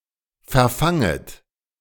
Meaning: second-person plural subjunctive I of verfangen
- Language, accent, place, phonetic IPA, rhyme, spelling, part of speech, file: German, Germany, Berlin, [fɛɐ̯ˈfaŋət], -aŋət, verfanget, verb, De-verfanget.ogg